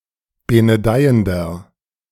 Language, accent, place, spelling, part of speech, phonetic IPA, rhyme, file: German, Germany, Berlin, benedeiender, adjective, [ˌbenəˈdaɪ̯əndɐ], -aɪ̯əndɐ, De-benedeiender.ogg
- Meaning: inflection of benedeiend: 1. strong/mixed nominative masculine singular 2. strong genitive/dative feminine singular 3. strong genitive plural